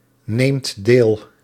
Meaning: inflection of deelnemen: 1. second/third-person singular present indicative 2. plural imperative
- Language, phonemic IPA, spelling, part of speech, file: Dutch, /ˈnemt ˈdel/, neemt deel, verb, Nl-neemt deel.ogg